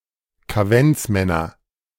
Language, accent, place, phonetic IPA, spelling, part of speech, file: German, Germany, Berlin, [kaˈvɛnt͡sˌmɛnɐ], Kaventsmänner, noun, De-Kaventsmänner.ogg
- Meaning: nominative/accusative/genitive plural of Kaventsmann